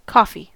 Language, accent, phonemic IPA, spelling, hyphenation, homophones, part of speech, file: English, US, /ˈkɔfi/, coffee, cof‧fee, coughy, noun / adjective / verb, En-us-coffee.ogg
- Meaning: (noun) 1. A beverage made by infusing the beans of the coffee plant in hot water 2. A serving of this beverage 3. The seeds of the plant used to make coffee, called ‘beans’ due to their shape